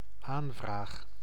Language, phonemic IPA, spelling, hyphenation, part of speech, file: Dutch, /ˈaːn.vraːx/, aanvraag, aan‧vraag, noun / verb, Nl-aanvraag.ogg
- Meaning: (noun) application, request (act of applying or petitioning, that which has been requested); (verb) first-person singular dependent-clause present indicative of aanvragen